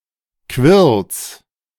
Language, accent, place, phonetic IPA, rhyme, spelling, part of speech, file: German, Germany, Berlin, [kvɪʁls], -ɪʁls, Quirls, noun, De-Quirls.ogg
- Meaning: genitive singular of Quirl